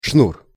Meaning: 1. cord (length of twisted strands) 2. line
- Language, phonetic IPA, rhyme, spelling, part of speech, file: Russian, [ʂnur], -ur, шнур, noun, Ru-шнур.ogg